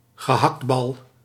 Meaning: mince ball, meatball
- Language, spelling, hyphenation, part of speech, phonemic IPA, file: Dutch, gehaktbal, ge‧hakt‧bal, noun, /ɣəˈɦɑktˌbɑl/, Nl-gehaktbal.ogg